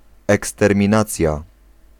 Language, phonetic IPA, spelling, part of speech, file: Polish, [ˌɛkstɛrmʲĩˈnat͡sʲja], eksterminacja, noun, Pl-eksterminacja.ogg